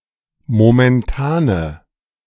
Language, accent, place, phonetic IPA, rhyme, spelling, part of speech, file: German, Germany, Berlin, [momɛnˈtaːnə], -aːnə, momentane, adjective, De-momentane.ogg
- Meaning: inflection of momentan: 1. strong/mixed nominative/accusative feminine singular 2. strong nominative/accusative plural 3. weak nominative all-gender singular